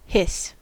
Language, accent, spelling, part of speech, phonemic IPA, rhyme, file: English, US, hiss, noun / verb, /hɪs/, -ɪs, En-us-hiss.ogg
- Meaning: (noun) 1. A sibilant sound, such as that made by a snake or escaping steam; an unvoiced fricative 2. An expression of disapproval made using such a sound